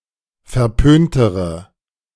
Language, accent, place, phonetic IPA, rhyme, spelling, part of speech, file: German, Germany, Berlin, [fɛɐ̯ˈpøːntəʁə], -øːntəʁə, verpöntere, adjective, De-verpöntere.ogg
- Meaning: inflection of verpönt: 1. strong/mixed nominative/accusative feminine singular comparative degree 2. strong nominative/accusative plural comparative degree